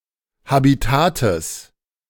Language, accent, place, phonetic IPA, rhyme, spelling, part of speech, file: German, Germany, Berlin, [habiˈtaːtəs], -aːtəs, Habitates, noun, De-Habitates.ogg
- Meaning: genitive singular of Habitat